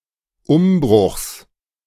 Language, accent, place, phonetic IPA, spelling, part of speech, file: German, Germany, Berlin, [ˈʊmˌbʁʊxs], Umbruchs, noun, De-Umbruchs.ogg
- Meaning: genitive singular of Umbruch